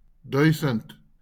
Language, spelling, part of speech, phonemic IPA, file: Afrikaans, duisend, numeral / noun, /ˈdœi̯.sənt/, LL-Q14196 (afr)-duisend.wav
- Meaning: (numeral) thousand; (noun) a thousand